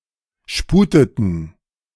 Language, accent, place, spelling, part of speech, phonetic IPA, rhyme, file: German, Germany, Berlin, sputeten, verb, [ˈʃpuːtətn̩], -uːtətn̩, De-sputeten.ogg
- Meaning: inflection of sputen: 1. first/third-person plural preterite 2. first/third-person plural subjunctive II